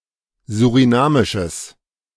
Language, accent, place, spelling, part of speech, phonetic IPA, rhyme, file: German, Germany, Berlin, surinamisches, adjective, [zuʁiˈnaːmɪʃəs], -aːmɪʃəs, De-surinamisches.ogg
- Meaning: strong/mixed nominative/accusative neuter singular of surinamisch